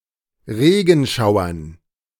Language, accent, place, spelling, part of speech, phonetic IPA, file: German, Germany, Berlin, Regenschauern, noun, [ˈʁeːɡn̩ˌʃaʊ̯ɐn], De-Regenschauern.ogg
- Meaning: dative plural of Regenschauer